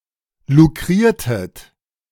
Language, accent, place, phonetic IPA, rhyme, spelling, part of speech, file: German, Germany, Berlin, [luˈkʁiːɐ̯tət], -iːɐ̯tət, lukriertet, verb, De-lukriertet.ogg
- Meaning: inflection of lukrieren: 1. second-person plural preterite 2. second-person plural subjunctive II